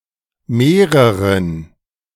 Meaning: dative of mehrere
- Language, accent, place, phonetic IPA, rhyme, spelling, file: German, Germany, Berlin, [ˈmeːʁəʁən], -eːʁəʁən, mehreren, De-mehreren.ogg